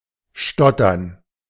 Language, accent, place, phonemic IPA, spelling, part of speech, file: German, Germany, Berlin, /ˈʃtɔtɐn/, stottern, verb, De-stottern.ogg
- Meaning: to stutter